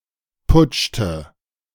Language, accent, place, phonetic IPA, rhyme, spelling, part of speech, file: German, Germany, Berlin, [ˈpʊt͡ʃtə], -ʊt͡ʃtə, putschte, verb, De-putschte.ogg
- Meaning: inflection of putschen: 1. first/third-person singular preterite 2. first/third-person singular subjunctive II